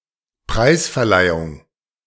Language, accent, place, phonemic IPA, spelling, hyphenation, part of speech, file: German, Germany, Berlin, /ˈpʁaɪ̯sfɛɐ̯ˌlaɪ̯ʊŋ/, Preisverleihung, Preis‧ver‧lei‧hung, noun, De-Preisverleihung.ogg
- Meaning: award ceremony